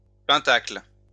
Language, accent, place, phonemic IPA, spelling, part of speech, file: French, France, Lyon, /pɛ̃.takl/, pentacle, noun, LL-Q150 (fra)-pentacle.wav
- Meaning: pentacle